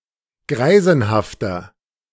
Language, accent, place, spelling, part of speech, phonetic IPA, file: German, Germany, Berlin, greisenhafter, adjective, [ˈɡʁaɪ̯zn̩haftɐ], De-greisenhafter.ogg
- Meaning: 1. comparative degree of greisenhaft 2. inflection of greisenhaft: strong/mixed nominative masculine singular 3. inflection of greisenhaft: strong genitive/dative feminine singular